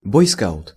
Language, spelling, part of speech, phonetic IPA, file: Russian, бойскаут, noun, [ˌbojˈskaʊt], Ru-бойскаут.ogg
- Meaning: Boy Scout